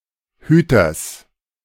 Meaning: genitive singular of Hüter
- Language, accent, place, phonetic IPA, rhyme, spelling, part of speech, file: German, Germany, Berlin, [ˈhyːtɐs], -yːtɐs, Hüters, noun, De-Hüters.ogg